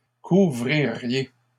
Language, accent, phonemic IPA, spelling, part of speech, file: French, Canada, /ku.vʁi.ʁje/, couvririez, verb, LL-Q150 (fra)-couvririez.wav
- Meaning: second-person plural conditional of couvrir